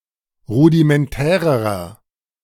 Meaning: inflection of rudimentär: 1. strong/mixed nominative masculine singular comparative degree 2. strong genitive/dative feminine singular comparative degree 3. strong genitive plural comparative degree
- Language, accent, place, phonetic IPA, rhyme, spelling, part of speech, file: German, Germany, Berlin, [ˌʁudimɛnˈtɛːʁəʁɐ], -ɛːʁəʁɐ, rudimentärerer, adjective, De-rudimentärerer.ogg